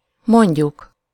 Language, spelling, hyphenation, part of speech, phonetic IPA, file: Hungarian, mondjuk, mond‧juk, verb, [ˈmoɲɟuk], Hu-mondjuk.ogg
- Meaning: 1. first-person plural indicative present definite of mond 2. first-person plural subjunctive present definite of mond